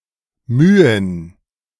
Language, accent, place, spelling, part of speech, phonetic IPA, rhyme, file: German, Germany, Berlin, Mühen, noun, [ˈmyːən], -yːən, De-Mühen.ogg
- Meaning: plural of Mühe